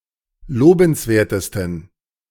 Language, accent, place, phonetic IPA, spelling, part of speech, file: German, Germany, Berlin, [ˈloːbn̩sˌveːɐ̯təstn̩], lobenswertesten, adjective, De-lobenswertesten.ogg
- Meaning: 1. superlative degree of lobenswert 2. inflection of lobenswert: strong genitive masculine/neuter singular superlative degree